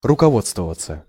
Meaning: to be guided by, to follow (e.g. some rules)
- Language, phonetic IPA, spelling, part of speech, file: Russian, [rʊkɐˈvot͡stvəvət͡sə], руководствоваться, verb, Ru-руководствоваться.ogg